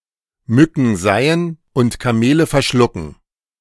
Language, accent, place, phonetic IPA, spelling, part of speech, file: German, Germany, Berlin, [ˈmʏkŋ̩ ˈzaɪ̯ən ʊnt kaˈmeːlə fɛɐ̯ˈʃlʊkŋ̩], Mücken seihen und Kamele verschlucken, verb, De-Mücken seihen und Kamele verschlucken.ogg
- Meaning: to focus on little things and ignore the important things